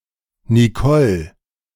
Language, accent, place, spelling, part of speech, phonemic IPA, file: German, Germany, Berlin, Nicole, proper noun, /niˈkɔl/, De-Nicole.ogg
- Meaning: a female given name, masculine equivalent Nikolaus, Nikolas, and Niklas